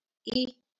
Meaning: The third vowel in Marathi
- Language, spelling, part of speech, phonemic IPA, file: Marathi, इ, character, /i/, LL-Q1571 (mar)-इ.wav